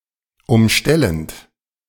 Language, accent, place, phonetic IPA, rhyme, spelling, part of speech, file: German, Germany, Berlin, [ʊmˈʃtɛlənt], -ɛlənt, umstellend, verb, De-umstellend.ogg
- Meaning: present participle of umstellen